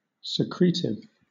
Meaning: Relating to secretion
- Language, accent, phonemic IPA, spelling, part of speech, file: English, Southern England, /səˈkɹiːtɪv/, secretive, adjective, LL-Q1860 (eng)-secretive.wav